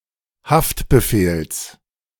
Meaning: genitive singular of Haftbefehl
- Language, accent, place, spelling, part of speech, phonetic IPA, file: German, Germany, Berlin, Haftbefehls, noun, [ˈhaftbəˌfeːls], De-Haftbefehls.ogg